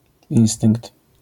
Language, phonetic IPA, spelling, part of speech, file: Polish, [ˈĩw̃stɨ̃ŋkt], instynkt, noun, LL-Q809 (pol)-instynkt.wav